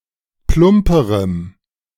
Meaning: strong dative masculine/neuter singular comparative degree of plump
- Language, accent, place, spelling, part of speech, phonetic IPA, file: German, Germany, Berlin, plumperem, adjective, [ˈplʊmpəʁəm], De-plumperem.ogg